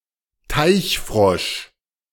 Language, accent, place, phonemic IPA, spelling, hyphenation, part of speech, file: German, Germany, Berlin, /ˈtaɪ̯çˌfʁɔʃ/, Teichfrosch, Teich‧frosch, noun, De-Teichfrosch.ogg
- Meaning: common waterfrog, edible frog (Pelophylax × esculentus, a hybrid of the pool frog (Pelophylax lessonae) and the Central Asian marsh frog (Pelophylax ridibundus)